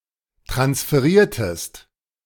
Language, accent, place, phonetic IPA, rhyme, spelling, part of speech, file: German, Germany, Berlin, [tʁansfəˈʁiːɐ̯təst], -iːɐ̯təst, transferiertest, verb, De-transferiertest.ogg
- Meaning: inflection of transferieren: 1. second-person singular preterite 2. second-person singular subjunctive II